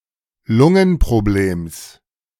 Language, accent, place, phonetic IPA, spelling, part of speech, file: German, Germany, Berlin, [ˈlʊŋənpʁoˌbleːms], Lungenproblems, noun, De-Lungenproblems.ogg
- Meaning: genitive singular of Lungenproblem